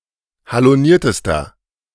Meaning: inflection of haloniert: 1. strong/mixed nominative masculine singular superlative degree 2. strong genitive/dative feminine singular superlative degree 3. strong genitive plural superlative degree
- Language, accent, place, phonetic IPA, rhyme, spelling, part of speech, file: German, Germany, Berlin, [haloˈniːɐ̯təstɐ], -iːɐ̯təstɐ, haloniertester, adjective, De-haloniertester.ogg